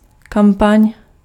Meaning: campaign (series of operations undertaken to achieve a set goal, e.g. marketing, political, or military)
- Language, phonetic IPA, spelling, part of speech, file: Czech, [ˈkampaɲ], kampaň, noun, Cs-kampaň.ogg